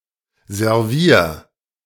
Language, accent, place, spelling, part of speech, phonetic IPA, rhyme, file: German, Germany, Berlin, servier, verb, [zɛʁˈviːɐ̯], -iːɐ̯, De-servier.ogg
- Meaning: 1. singular imperative of servieren 2. first-person singular present of servieren